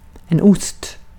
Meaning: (noun) cheese; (adverb) east
- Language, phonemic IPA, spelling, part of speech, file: Swedish, /ʊst/, ost, noun / adverb, Sv-ost.ogg